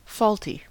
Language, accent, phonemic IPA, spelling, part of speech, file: English, US, /ˈfɔlti/, faulty, adjective, En-us-faulty.ogg
- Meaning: 1. Having or displaying faults; not perfect; not adequate or acceptable 2. At fault, to blame; guilty